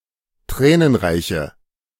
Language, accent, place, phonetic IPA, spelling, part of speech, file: German, Germany, Berlin, [ˈtʁɛːnənˌʁaɪ̯çə], tränenreiche, adjective, De-tränenreiche.ogg
- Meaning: inflection of tränenreich: 1. strong/mixed nominative/accusative feminine singular 2. strong nominative/accusative plural 3. weak nominative all-gender singular